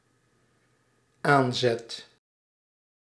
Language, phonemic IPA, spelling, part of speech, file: Dutch, /ˈanzɛt/, aanzet, noun / verb, Nl-aanzet.ogg
- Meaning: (noun) 1. first beginning, early incomplete draft 2. first impulse, initial push; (verb) first/second/third-person singular dependent-clause present indicative of aanzetten